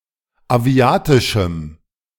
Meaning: strong dative masculine/neuter singular of aviatisch
- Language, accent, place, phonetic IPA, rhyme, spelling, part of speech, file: German, Germany, Berlin, [aˈvi̯aːtɪʃm̩], -aːtɪʃm̩, aviatischem, adjective, De-aviatischem.ogg